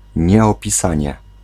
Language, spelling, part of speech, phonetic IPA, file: Polish, nieopisanie, noun, [ˌɲɛɔpʲiˈsãɲɛ], Pl-nieopisanie.ogg